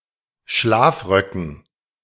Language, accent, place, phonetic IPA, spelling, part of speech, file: German, Germany, Berlin, [ˈʃlaːfˌʁœkn̩], Schlafröcken, noun, De-Schlafröcken.ogg
- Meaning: dative plural of Schlafrock